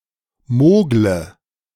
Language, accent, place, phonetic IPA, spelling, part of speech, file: German, Germany, Berlin, [ˈmoːɡlə], mogle, verb, De-mogle.ogg
- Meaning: inflection of mogeln: 1. first-person singular present 2. singular imperative 3. first/third-person singular subjunctive I